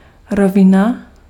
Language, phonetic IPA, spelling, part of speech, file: Czech, [ˈrovɪna], rovina, noun, Cs-rovina.ogg
- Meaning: 1. plain, flatland (expanse of land) 2. plane (a flat surface extending infinitely in all directions) 3. level